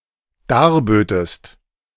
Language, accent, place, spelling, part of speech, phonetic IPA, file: German, Germany, Berlin, darbötest, verb, [ˈdaːɐ̯ˌbøːtəst], De-darbötest.ogg
- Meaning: second-person singular dependent subjunctive II of darbieten